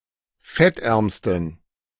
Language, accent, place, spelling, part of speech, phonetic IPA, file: German, Germany, Berlin, fettärmsten, adjective, [ˈfɛtˌʔɛʁmstn̩], De-fettärmsten.ogg
- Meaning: superlative degree of fettarm